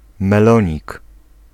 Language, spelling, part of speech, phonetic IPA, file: Polish, melonik, noun, [mɛˈlɔ̃ɲik], Pl-melonik.ogg